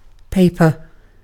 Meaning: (noun) A sheet material typically used for writing on or printing on (or as a non-waterproof container), usually made by draining cellulose fibres from a suspension in water
- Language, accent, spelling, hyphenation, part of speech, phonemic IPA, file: English, UK, paper, pa‧per, noun / adjective / verb, /ˈpeɪ̯.pə/, En-uk-paper.ogg